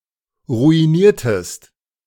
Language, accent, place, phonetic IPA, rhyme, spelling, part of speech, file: German, Germany, Berlin, [ʁuiˈniːɐ̯təst], -iːɐ̯təst, ruiniertest, verb, De-ruiniertest.ogg
- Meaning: inflection of ruinieren: 1. second-person singular preterite 2. second-person singular subjunctive II